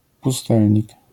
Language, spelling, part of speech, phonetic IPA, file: Polish, pustelnik, noun, [puˈstɛlʲɲik], LL-Q809 (pol)-pustelnik.wav